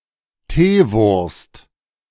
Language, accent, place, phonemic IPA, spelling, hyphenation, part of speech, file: German, Germany, Berlin, /ˈteːˌvʊɐ̯st/, Teewurst, Tee‧wurst, noun, De-Teewurst.ogg
- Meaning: very smooth spreadable smoked German sausage